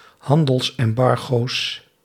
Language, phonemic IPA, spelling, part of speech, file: Dutch, /ˈhɑndəlsˌɛmbɑrɣos/, handelsembargo's, noun, Nl-handelsembargo's.ogg
- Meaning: plural of handelsembargo